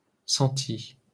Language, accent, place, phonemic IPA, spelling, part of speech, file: French, France, Paris, /sɑ̃.ti/, centi-, prefix, LL-Q150 (fra)-centi-.wav
- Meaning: centi-